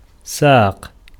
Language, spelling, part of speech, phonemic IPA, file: Arabic, ساق, noun, /saːq/, Ar-ساق.ogg
- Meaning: 1. leg 2. shank 3. side of an angle 4. perpendicular 5. trunk, stalk 6. column, pillar 7. scale (balance) 8. genus, gender, kind 9. pain, torment